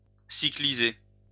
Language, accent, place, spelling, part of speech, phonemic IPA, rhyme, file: French, France, Lyon, cycliser, verb, /si.kli.ze/, -e, LL-Q150 (fra)-cycliser.wav
- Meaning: to cyclize